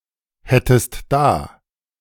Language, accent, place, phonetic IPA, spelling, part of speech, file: German, Germany, Berlin, [ˌhɛtəst ˈdaː], hättest da, verb, De-hättest da.ogg
- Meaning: second-person singular subjunctive I of dahaben